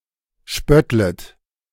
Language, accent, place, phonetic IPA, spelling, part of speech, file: German, Germany, Berlin, [ˈʃpœtlət], spöttlet, verb, De-spöttlet.ogg
- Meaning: second-person plural subjunctive I of spötteln